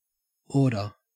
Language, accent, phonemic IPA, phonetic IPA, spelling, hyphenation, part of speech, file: English, Australia, /ˈoː.də/, [ˈoː.ɾə], order, or‧der, noun / verb, En-au-order.ogg
- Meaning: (noun) 1. Arrangement, disposition, or sequence 2. A position in an arrangement, disposition, or sequence 3. The state of being well arranged